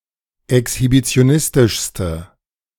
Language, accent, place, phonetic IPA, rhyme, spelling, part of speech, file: German, Germany, Berlin, [ɛkshibit͡si̯oˈnɪstɪʃstə], -ɪstɪʃstə, exhibitionistischste, adjective, De-exhibitionistischste.ogg
- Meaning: inflection of exhibitionistisch: 1. strong/mixed nominative/accusative feminine singular superlative degree 2. strong nominative/accusative plural superlative degree